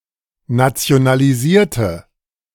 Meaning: inflection of nationalisieren: 1. first/third-person singular preterite 2. first/third-person singular subjunctive II
- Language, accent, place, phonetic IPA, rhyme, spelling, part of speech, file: German, Germany, Berlin, [nat͡si̯onaliˈziːɐ̯tə], -iːɐ̯tə, nationalisierte, adjective / verb, De-nationalisierte.ogg